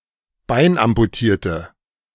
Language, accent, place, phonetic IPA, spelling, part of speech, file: German, Germany, Berlin, [ˈbaɪ̯nʔampuˌtiːɐ̯tə], beinamputierte, adjective, De-beinamputierte.ogg
- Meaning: inflection of beinamputiert: 1. strong/mixed nominative/accusative feminine singular 2. strong nominative/accusative plural 3. weak nominative all-gender singular